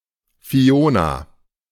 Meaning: a female given name from the Goidelic languages, popular in the 1990s and the 2000s
- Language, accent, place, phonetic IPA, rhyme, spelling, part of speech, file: German, Germany, Berlin, [fiˈoːna], -oːna, Fiona, proper noun, De-Fiona.ogg